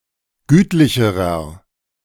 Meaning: inflection of gütlich: 1. strong/mixed nominative masculine singular comparative degree 2. strong genitive/dative feminine singular comparative degree 3. strong genitive plural comparative degree
- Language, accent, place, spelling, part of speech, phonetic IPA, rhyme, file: German, Germany, Berlin, gütlicherer, adjective, [ˈɡyːtlɪçəʁɐ], -yːtlɪçəʁɐ, De-gütlicherer.ogg